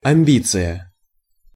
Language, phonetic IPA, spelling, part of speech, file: Russian, [ɐm⁽ʲ⁾ˈbʲit͡sɨjə], амбиция, noun, Ru-амбиция.ogg
- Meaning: 1. self-conceit, pride, vanity, arrogance 2. pretensions, claims ( to ), ambitions 3. ambition